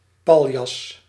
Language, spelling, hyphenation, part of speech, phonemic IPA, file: Dutch, paljas, pal‧jas, noun, /ˈpɑl.jɑs/, Nl-paljas.ogg
- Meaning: 1. a sack of straw, a paillasse 2. a buffoon, a clown